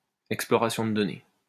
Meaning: data mining
- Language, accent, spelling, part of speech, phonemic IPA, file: French, France, exploration de données, noun, /ɛk.splɔ.ʁa.sjɔ̃ də dɔ.ne/, LL-Q150 (fra)-exploration de données.wav